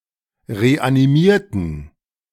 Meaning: inflection of reanimieren: 1. first/third-person plural preterite 2. first/third-person plural subjunctive II
- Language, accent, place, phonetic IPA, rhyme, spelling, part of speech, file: German, Germany, Berlin, [ʁeʔaniˈmiːɐ̯tn̩], -iːɐ̯tn̩, reanimierten, adjective / verb, De-reanimierten.ogg